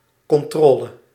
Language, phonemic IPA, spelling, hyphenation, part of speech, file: Dutch, /ˌkɔnˈtrɔːlə/, controle, con‧tro‧le, noun, Nl-controle.ogg
- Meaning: 1. checkup, investigation 2. control (having someone or something in one's power)